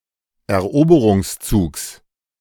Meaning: genitive singular of Eroberungszug
- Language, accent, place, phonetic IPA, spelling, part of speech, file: German, Germany, Berlin, [ɛɐ̯ˈʔoːbəʁʊŋsˌt͡suːks], Eroberungszugs, noun, De-Eroberungszugs.ogg